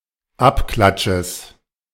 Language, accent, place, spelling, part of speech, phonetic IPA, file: German, Germany, Berlin, Abklatsches, noun, [ˈapˌklatʃəs], De-Abklatsches.ogg
- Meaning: genitive singular of Abklatsch